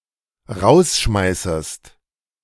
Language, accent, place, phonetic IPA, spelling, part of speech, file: German, Germany, Berlin, [ˈʁaʊ̯sˌʃmaɪ̯səst], rausschmeißest, verb, De-rausschmeißest.ogg
- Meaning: second-person singular dependent subjunctive I of rausschmeißen